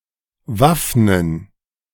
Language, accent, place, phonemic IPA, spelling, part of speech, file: German, Germany, Berlin, /ˈvafnən/, waffnen, verb, De-waffnen.ogg
- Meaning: to arm